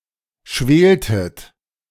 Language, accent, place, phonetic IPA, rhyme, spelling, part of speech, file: German, Germany, Berlin, [ˈʃveːltət], -eːltət, schweltet, verb, De-schweltet.ogg
- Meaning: inflection of schwelen: 1. second-person plural preterite 2. second-person plural subjunctive II